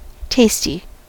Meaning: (adjective) 1. Having a pleasant or satisfying flavor 2. Having or showing good taste; tasteful 3. Appealing; when applied to persons, sexually appealing 4. Skillful; highly competent
- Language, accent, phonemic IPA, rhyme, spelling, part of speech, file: English, US, /ˈteɪsti/, -eɪsti, tasty, adjective / noun, En-us-tasty.ogg